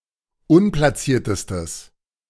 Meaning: strong/mixed nominative/accusative neuter singular superlative degree of unplaciert
- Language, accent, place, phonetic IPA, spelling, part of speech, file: German, Germany, Berlin, [ˈʊnplasiːɐ̯təstəs], unplaciertestes, adjective, De-unplaciertestes.ogg